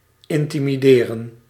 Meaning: to intimidate
- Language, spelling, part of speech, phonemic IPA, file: Dutch, intimideren, verb, /ɪn.ti.miˈdeː.rə(n)/, Nl-intimideren.ogg